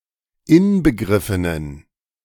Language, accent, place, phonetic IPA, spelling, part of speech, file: German, Germany, Berlin, [ˈɪnbəˌɡʁɪfənən], inbegriffenen, adjective, De-inbegriffenen.ogg
- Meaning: inflection of inbegriffen: 1. strong genitive masculine/neuter singular 2. weak/mixed genitive/dative all-gender singular 3. strong/weak/mixed accusative masculine singular 4. strong dative plural